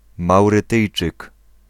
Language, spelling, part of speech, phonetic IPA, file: Polish, Maurytyjczyk, noun, [ˌmawrɨˈtɨjt͡ʃɨk], Pl-Maurytyjczyk.ogg